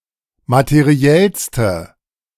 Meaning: inflection of materiell: 1. strong/mixed nominative/accusative feminine singular superlative degree 2. strong nominative/accusative plural superlative degree
- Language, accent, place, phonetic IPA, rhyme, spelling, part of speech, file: German, Germany, Berlin, [matəˈʁi̯ɛlstə], -ɛlstə, materiellste, adjective, De-materiellste.ogg